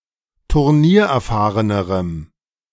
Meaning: strong dative masculine/neuter singular comparative degree of turniererfahren
- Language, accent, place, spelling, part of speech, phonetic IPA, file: German, Germany, Berlin, turniererfahrenerem, adjective, [tʊʁˈniːɐ̯ʔɛɐ̯ˌfaːʁənəʁəm], De-turniererfahrenerem.ogg